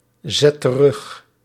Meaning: inflection of terugzetten: 1. first/second/third-person singular present indicative 2. imperative
- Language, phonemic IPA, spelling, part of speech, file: Dutch, /ˈzɛt t(ə)ˈrʏx/, zet terug, verb, Nl-zet terug.ogg